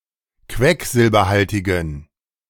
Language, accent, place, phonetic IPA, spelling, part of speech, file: German, Germany, Berlin, [ˈkvɛkzɪlbɐˌhaltɪɡn̩], quecksilberhaltigen, adjective, De-quecksilberhaltigen.ogg
- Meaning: inflection of quecksilberhaltig: 1. strong genitive masculine/neuter singular 2. weak/mixed genitive/dative all-gender singular 3. strong/weak/mixed accusative masculine singular